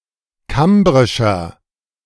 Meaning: inflection of kambrisch: 1. strong/mixed nominative masculine singular 2. strong genitive/dative feminine singular 3. strong genitive plural
- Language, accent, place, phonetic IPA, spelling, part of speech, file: German, Germany, Berlin, [ˈkambʁɪʃɐ], kambrischer, adjective, De-kambrischer.ogg